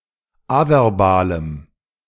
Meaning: strong dative masculine/neuter singular of averbal
- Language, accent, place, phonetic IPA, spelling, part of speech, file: German, Germany, Berlin, [ˈavɛʁˌbaːləm], averbalem, adjective, De-averbalem.ogg